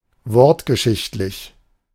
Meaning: etymological
- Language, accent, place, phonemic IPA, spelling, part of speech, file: German, Germany, Berlin, /ˈvɔʁtɡəˌʃɪçtlɪç/, wortgeschichtlich, adjective, De-wortgeschichtlich.ogg